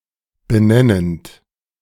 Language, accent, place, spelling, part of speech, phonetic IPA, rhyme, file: German, Germany, Berlin, benennend, verb, [bəˈnɛnənt], -ɛnənt, De-benennend.ogg
- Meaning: present participle of benennen